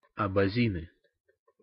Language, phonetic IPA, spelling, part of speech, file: Russian, [ɐbɐˈzʲinɨ], абазины, noun, Ru-абазины.ogg
- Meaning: nominative plural of абази́н (abazín)